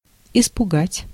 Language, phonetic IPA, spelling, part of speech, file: Russian, [ɪspʊˈɡatʲ], испугать, verb, Ru-испугать.oga
- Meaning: to frighten